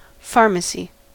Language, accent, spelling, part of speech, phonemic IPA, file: English, US, pharmacy, noun, /ˈfɑɹməsi/, En-us-pharmacy.ogg
- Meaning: 1. A place where prescription drugs are sold or dispensed 2. The science of medicinal substances, inclusive of pharmaceutics, pharmaceutical chemistry, pharmacology, phytochemistry, and forensics